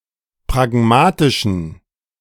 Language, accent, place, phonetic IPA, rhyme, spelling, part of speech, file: German, Germany, Berlin, [pʁaˈɡmaːtɪʃn̩], -aːtɪʃn̩, pragmatischen, adjective, De-pragmatischen.ogg
- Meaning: inflection of pragmatisch: 1. strong genitive masculine/neuter singular 2. weak/mixed genitive/dative all-gender singular 3. strong/weak/mixed accusative masculine singular 4. strong dative plural